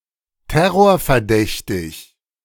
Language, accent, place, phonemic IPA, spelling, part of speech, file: German, Germany, Berlin, /ˈtɛʁoːɐ̯fɛɐ̯ˌdɛçtɪç/, terrorverdächtig, adjective, De-terrorverdächtig.ogg
- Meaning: suspected of terrorism